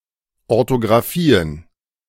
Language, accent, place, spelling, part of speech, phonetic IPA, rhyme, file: German, Germany, Berlin, Orthographien, noun, [ɔʁtoɡʁaˈfiːən], -iːən, De-Orthographien.ogg
- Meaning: plural of Orthographie